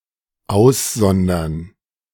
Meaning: to separate out
- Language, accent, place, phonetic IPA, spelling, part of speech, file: German, Germany, Berlin, [ˈaʊ̯sˌzɔndɐn], aussondern, verb, De-aussondern.ogg